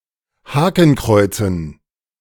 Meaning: dative plural of Hakenkreuz
- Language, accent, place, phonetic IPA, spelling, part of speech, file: German, Germany, Berlin, [ˈhaːkn̩ˌkʁɔɪ̯t͡sn̩], Hakenkreuzen, noun, De-Hakenkreuzen.ogg